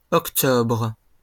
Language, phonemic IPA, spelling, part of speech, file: French, /ɔk.tɔbʁ/, octobres, noun, LL-Q150 (fra)-octobres.wav
- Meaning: plural of octobre